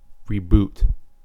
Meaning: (noun) 1. An instance of rebooting 2. A fresh start 3. The restarting of a series' storyline, discarding all previous continuity
- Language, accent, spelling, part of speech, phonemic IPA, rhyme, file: English, US, reboot, noun / verb, /ˈɹiːbuːt/, -uːt, En-us-reboot.ogg